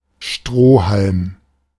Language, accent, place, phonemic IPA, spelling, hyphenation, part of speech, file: German, Germany, Berlin, /ˈʃtʁoː.halm/, Strohhalm, Stroh‧halm, noun, De-Strohhalm.ogg
- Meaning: 1. straw (a dried stalk of a cereal plant) 2. drinking straw